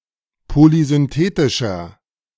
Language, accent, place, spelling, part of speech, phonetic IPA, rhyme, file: German, Germany, Berlin, polysynthetischer, adjective, [polizʏnˈteːtɪʃɐ], -eːtɪʃɐ, De-polysynthetischer.ogg
- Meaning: 1. comparative degree of polysynthetisch 2. inflection of polysynthetisch: strong/mixed nominative masculine singular 3. inflection of polysynthetisch: strong genitive/dative feminine singular